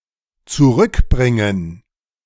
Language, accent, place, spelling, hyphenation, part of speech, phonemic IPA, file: German, Germany, Berlin, zurückbringen, zu‧rück‧brin‧gen, verb, /tsuˈʁʏkˌbʁɪŋən/, De-zurückbringen.ogg
- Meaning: to bring back, recall, restore